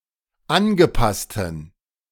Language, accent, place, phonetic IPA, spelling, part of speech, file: German, Germany, Berlin, [ˈanɡəˌpastn̩], angepassten, adjective, De-angepassten.ogg
- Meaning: inflection of angepasst: 1. strong genitive masculine/neuter singular 2. weak/mixed genitive/dative all-gender singular 3. strong/weak/mixed accusative masculine singular 4. strong dative plural